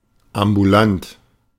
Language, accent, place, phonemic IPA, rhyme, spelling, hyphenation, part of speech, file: German, Germany, Berlin, /ambuˈlant/, -ant, ambulant, am‧bu‧lant, adjective, De-ambulant.ogg
- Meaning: ambulant; outpatient